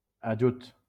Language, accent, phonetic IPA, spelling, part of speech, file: Catalan, Valencia, [aˈd͡ʒuts], ajuts, noun, LL-Q7026 (cat)-ajuts.wav
- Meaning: plural of ajut